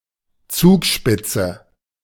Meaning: Zugspitze (The highest mountain of Germany, located in the Alps on the border between Bavaria and Tyrol, Austria)
- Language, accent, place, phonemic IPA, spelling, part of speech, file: German, Germany, Berlin, /ˈt͡suːkˌʃpɪt͡sə/, Zugspitze, proper noun, De-Zugspitze.ogg